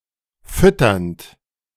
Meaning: present participle of füttern
- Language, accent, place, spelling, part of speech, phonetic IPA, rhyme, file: German, Germany, Berlin, fütternd, verb, [ˈfʏtɐnt], -ʏtɐnt, De-fütternd.ogg